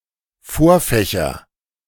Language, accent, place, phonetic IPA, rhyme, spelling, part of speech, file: German, Germany, Berlin, [ˈfoːɐ̯fɛçɐ], -oːɐ̯fɛçɐ, Vorfächer, noun, De-Vorfächer.ogg
- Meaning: nominative/accusative/genitive plural of Vorfach